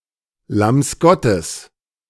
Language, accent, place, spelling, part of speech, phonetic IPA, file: German, Germany, Berlin, Lamms Gottes, noun, [lams ˈɡɔtəs], De-Lamms Gottes.ogg
- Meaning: genitive of Lamm Gottes